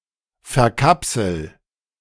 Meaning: inflection of verkapseln: 1. first-person singular present 2. singular imperative
- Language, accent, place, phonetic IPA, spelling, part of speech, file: German, Germany, Berlin, [fɛɐ̯ˈkapsl̩], verkapsel, verb, De-verkapsel.ogg